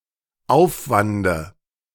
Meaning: dative singular of Aufwand
- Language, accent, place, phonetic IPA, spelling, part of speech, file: German, Germany, Berlin, [ˈaʊ̯fvandə], Aufwande, noun, De-Aufwande.ogg